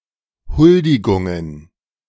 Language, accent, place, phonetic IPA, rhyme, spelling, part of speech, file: German, Germany, Berlin, [ˈhʊldɪɡʊŋən], -ʊldɪɡʊŋən, Huldigungen, noun, De-Huldigungen.ogg
- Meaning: plural of Huldigung